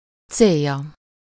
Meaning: third-person singular single-possession possessive of cél
- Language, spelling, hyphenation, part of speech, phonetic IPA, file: Hungarian, célja, cél‧ja, noun, [ˈt͡seːjːɒ], Hu-célja.ogg